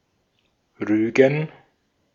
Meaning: to reprimand, to criticize (to convey one's disapproval of someone due to their behavior, often formally but without further consequences)
- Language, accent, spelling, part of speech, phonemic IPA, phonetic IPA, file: German, Austria, rügen, verb, /ˈʁyːɡən/, [ˈʁyːɡŋ], De-at-rügen.ogg